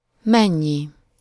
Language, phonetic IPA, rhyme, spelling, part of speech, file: Hungarian, [ˈmɛɲːi], -ɲi, mennyi, pronoun, Hu-mennyi.ogg
- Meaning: how much?